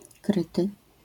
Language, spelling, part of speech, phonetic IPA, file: Polish, kryty, adjective / verb, [ˈkrɨtɨ], LL-Q809 (pol)-kryty.wav